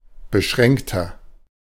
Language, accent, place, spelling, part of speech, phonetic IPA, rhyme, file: German, Germany, Berlin, beschränkter, adjective, [bəˈʃʁɛŋktɐ], -ɛŋktɐ, De-beschränkter.ogg
- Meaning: 1. comparative degree of beschränkt 2. inflection of beschränkt: strong/mixed nominative masculine singular 3. inflection of beschränkt: strong genitive/dative feminine singular